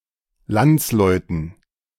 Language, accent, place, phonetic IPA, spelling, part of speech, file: German, Germany, Berlin, [ˈlant͡sˌlɔɪ̯tn̩], Landsleuten, noun, De-Landsleuten.ogg
- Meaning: dative plural of Landsmann